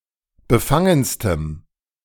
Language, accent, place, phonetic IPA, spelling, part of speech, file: German, Germany, Berlin, [bəˈfaŋənstəm], befangenstem, adjective, De-befangenstem.ogg
- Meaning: strong dative masculine/neuter singular superlative degree of befangen